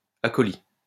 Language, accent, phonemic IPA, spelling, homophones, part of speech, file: French, France, /a.kɔ.li/, acholie, acholi / acholies / acholis, adjective, LL-Q150 (fra)-acholie.wav
- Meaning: feminine singular of acholi